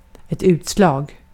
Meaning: 1. a rash 2. an indication (on a meter or the like) 3. a final decision (by a public authority or the like, especially a court); a ruling, a verdict 4. a first shot, especially a tee shot in golf
- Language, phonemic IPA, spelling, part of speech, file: Swedish, /ʉːtslɑːɡ/, utslag, noun, Sv-utslag.ogg